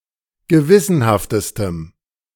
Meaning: strong dative masculine/neuter singular superlative degree of gewissenhaft
- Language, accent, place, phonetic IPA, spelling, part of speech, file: German, Germany, Berlin, [ɡəˈvɪsənhaftəstəm], gewissenhaftestem, adjective, De-gewissenhaftestem.ogg